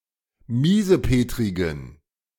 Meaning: inflection of miesepetrig: 1. strong genitive masculine/neuter singular 2. weak/mixed genitive/dative all-gender singular 3. strong/weak/mixed accusative masculine singular 4. strong dative plural
- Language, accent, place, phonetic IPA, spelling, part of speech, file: German, Germany, Berlin, [ˈmiːzəˌpeːtʁɪɡn̩], miesepetrigen, adjective, De-miesepetrigen.ogg